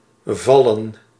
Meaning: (verb) 1. to fall, to tumble 2. to fall, to begin (said of certain types of time period) 3. to fall, to occur on a certain date 4. to be able to be 5. to be received a certain way, go down
- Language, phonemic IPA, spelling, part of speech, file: Dutch, /ˈvɑlə(n)/, vallen, verb / noun, Nl-vallen.ogg